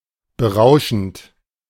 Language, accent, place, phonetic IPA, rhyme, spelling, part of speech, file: German, Germany, Berlin, [bəˈʁaʊ̯ʃn̩t], -aʊ̯ʃn̩t, berauschend, verb, De-berauschend.ogg
- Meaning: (verb) present participle of berauschen; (adjective) intoxicating